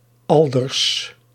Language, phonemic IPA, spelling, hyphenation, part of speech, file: Dutch, /ˈɑl.dərs/, Alders, Al‧ders, proper noun, Nl-Alders.ogg
- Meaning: a surname